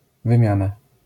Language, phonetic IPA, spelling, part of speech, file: Polish, [vɨ̃ˈmʲjãna], wymiana, noun, LL-Q809 (pol)-wymiana.wav